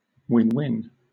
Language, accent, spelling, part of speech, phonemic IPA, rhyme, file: English, Southern England, win-win, adjective / noun, /ˌwɪnˈwɪn/, -ɪn, LL-Q1860 (eng)-win-win.wav
- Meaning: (adjective) That benefits both or all parties, or that has two distinct benefits; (noun) Ellipsis of win-win situation: A situation that benefits both or all parties, or that has two distinct benefits